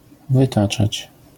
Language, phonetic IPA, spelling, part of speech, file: Polish, [vɨˈtat͡ʃat͡ɕ], wytaczać, verb, LL-Q809 (pol)-wytaczać.wav